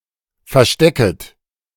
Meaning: second-person plural subjunctive I of verstecken
- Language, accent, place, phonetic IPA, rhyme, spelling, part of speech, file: German, Germany, Berlin, [fɛɐ̯ˈʃtɛkət], -ɛkət, verstecket, verb, De-verstecket.ogg